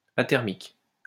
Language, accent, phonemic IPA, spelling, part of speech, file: French, France, /a.tɛʁ.mik/, athermique, adjective, LL-Q150 (fra)-athermique.wav
- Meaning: athermic, athermal